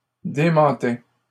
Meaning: third-person singular imperfect indicative of démentir
- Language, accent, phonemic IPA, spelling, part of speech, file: French, Canada, /de.mɑ̃.tɛ/, démentait, verb, LL-Q150 (fra)-démentait.wav